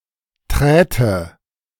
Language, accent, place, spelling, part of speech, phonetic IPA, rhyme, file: German, Germany, Berlin, träte, verb, [ˈtʁɛːtə], -ɛːtə, De-träte.ogg
- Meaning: first/third-person singular subjunctive II of treten